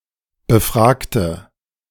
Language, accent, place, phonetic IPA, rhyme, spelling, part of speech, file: German, Germany, Berlin, [bəˈfʁaːktə], -aːktə, befragte, adjective / verb, De-befragte.ogg
- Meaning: inflection of befragen: 1. first/third-person singular preterite 2. first/third-person singular subjunctive II